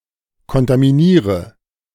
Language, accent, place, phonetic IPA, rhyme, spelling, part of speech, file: German, Germany, Berlin, [kɔntamiˈniːʁə], -iːʁə, kontaminiere, verb, De-kontaminiere.ogg
- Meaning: inflection of kontaminieren: 1. first-person singular present 2. first/third-person singular subjunctive I 3. singular imperative